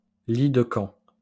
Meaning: camp bed, cot
- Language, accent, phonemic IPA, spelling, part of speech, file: French, France, /li d(ə) kɑ̃/, lit de camp, noun, LL-Q150 (fra)-lit de camp.wav